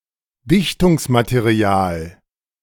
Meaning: sealant
- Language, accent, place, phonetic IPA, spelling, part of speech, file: German, Germany, Berlin, [ˈdɪçtʊŋsmateˌʁi̯aːl], Dichtungsmaterial, noun, De-Dichtungsmaterial.ogg